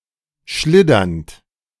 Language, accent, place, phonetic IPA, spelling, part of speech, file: German, Germany, Berlin, [ˈʃlɪdɐnt], schliddernd, verb, De-schliddernd.ogg
- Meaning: present participle of schliddern